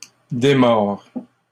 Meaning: inflection of démordre: 1. first/second-person singular present indicative 2. second-person singular imperative
- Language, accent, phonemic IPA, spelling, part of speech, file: French, Canada, /de.mɔʁ/, démords, verb, LL-Q150 (fra)-démords.wav